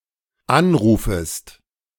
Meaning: second-person singular dependent subjunctive I of anrufen
- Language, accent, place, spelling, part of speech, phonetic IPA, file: German, Germany, Berlin, anrufest, verb, [ˈanˌʁuːfəst], De-anrufest.ogg